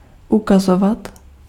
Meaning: 1. to show 2. to point (by a finger) 3. to indicate, suggest
- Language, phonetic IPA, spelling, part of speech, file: Czech, [ˈukazovat], ukazovat, verb, Cs-ukazovat.ogg